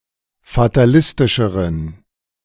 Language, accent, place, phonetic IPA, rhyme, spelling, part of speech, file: German, Germany, Berlin, [fataˈlɪstɪʃəʁən], -ɪstɪʃəʁən, fatalistischeren, adjective, De-fatalistischeren.ogg
- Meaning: inflection of fatalistisch: 1. strong genitive masculine/neuter singular comparative degree 2. weak/mixed genitive/dative all-gender singular comparative degree